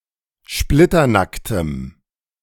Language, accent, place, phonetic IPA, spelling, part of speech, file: German, Germany, Berlin, [ˈʃplɪtɐˌnaktəm], splitternacktem, adjective, De-splitternacktem.ogg
- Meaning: strong dative masculine/neuter singular of splitternackt